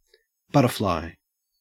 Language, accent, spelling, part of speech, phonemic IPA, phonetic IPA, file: English, Australia, butterfly, noun / verb, /ˈbʌ.tə(ɹ).flaɪ/, [ˈbʌ.ɾə.flɑɪ], En-au-butterfly.ogg
- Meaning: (noun) A flying insect of the order Lepidoptera, distinguished from moths by their diurnal activity and generally brighter colouring